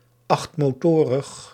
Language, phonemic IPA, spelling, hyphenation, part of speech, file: Dutch, /ˌɑxt.moːˈtoː.rəx/, achtmotorig, acht‧mo‧to‧rig, adjective, Nl-achtmotorig.ogg
- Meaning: having eight engines (of motorised means of transport)